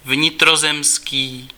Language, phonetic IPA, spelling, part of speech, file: Czech, [ˈvɲɪtrozɛmskiː], vnitrozemský, adjective, Cs-vnitrozemský.ogg
- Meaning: 1. landlocked (describing a country that does not border the sea) 2. inland